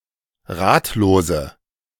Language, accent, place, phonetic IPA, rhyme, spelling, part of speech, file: German, Germany, Berlin, [ˈʁaːtloːzə], -aːtloːzə, ratlose, adjective, De-ratlose.ogg
- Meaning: inflection of ratlos: 1. strong/mixed nominative/accusative feminine singular 2. strong nominative/accusative plural 3. weak nominative all-gender singular 4. weak accusative feminine/neuter singular